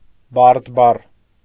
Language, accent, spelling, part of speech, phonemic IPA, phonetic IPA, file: Armenian, Eastern Armenian, բարդ բառ, noun, /bɑɾtʰ bɑr/, [bɑɾtʰ bɑr], Hy-բարդ բառ.ogg
- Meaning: compound word